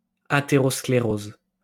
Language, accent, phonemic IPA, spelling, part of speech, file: French, France, /a.te.ʁɔs.kle.ʁoz/, athérosclérose, noun, LL-Q150 (fra)-athérosclérose.wav
- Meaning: atherosclerosis